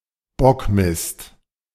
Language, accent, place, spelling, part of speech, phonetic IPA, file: German, Germany, Berlin, Bockmist, noun, [ˈbɔkˌmɪst], De-Bockmist.ogg
- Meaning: bullshit